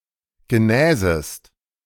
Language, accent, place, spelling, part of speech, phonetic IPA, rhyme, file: German, Germany, Berlin, genäsest, verb, [ɡəˈnɛːzəst], -ɛːzəst, De-genäsest.ogg
- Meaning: second-person singular subjunctive II of genesen